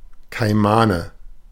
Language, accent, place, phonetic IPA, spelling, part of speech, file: German, Germany, Berlin, [ˈkaɪ̯manə], Kaimane, noun, De-Kaimane.ogg
- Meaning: nominative/accusative/genitive plural of Kaiman